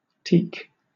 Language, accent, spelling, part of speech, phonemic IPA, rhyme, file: English, Southern England, teak, noun / adjective, /tiːk/, -iːk, LL-Q1860 (eng)-teak.wav
- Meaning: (noun) 1. An extremely durable timber highly valued for shipbuilding and other purposes, yielded by Tectona grandis (and Tectona spp.) 2. A tree of the species in the genus Tectona